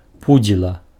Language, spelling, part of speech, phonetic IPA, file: Belarusian, пудзіла, noun, [ˈpud͡zʲiɫa], Be-пудзіла.ogg
- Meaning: scarecrow